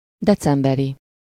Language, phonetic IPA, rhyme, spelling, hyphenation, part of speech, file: Hungarian, [ˈdɛt͡sɛmbɛri], -ri, decemberi, de‧cem‧be‧ri, adjective, Hu-decemberi.ogg
- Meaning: December, in December, of December